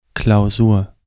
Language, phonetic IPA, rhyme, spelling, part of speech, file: German, [klaʊ̯ˈzuːɐ̯], -uːɐ̯, Klausur, noun, De-Klausur.ogg
- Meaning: 1. a state of enclosure, especially that of monks, nuns 2. short for Klausurarbeit: a formal written exam, chiefly at a university or during the last three years of Gymnasium